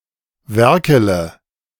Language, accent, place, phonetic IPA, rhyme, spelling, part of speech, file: German, Germany, Berlin, [ˈvɛʁkələ], -ɛʁkələ, werkele, verb, De-werkele.ogg
- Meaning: inflection of werkeln: 1. first-person singular present 2. first-person plural subjunctive I 3. third-person singular subjunctive I 4. singular imperative